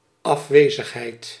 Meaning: absence
- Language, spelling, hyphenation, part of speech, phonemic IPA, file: Dutch, afwezigheid, af‧we‧zig‧heid, noun, /ˌɑfˈʋeː.zəx.ɦɛi̯t/, Nl-afwezigheid.ogg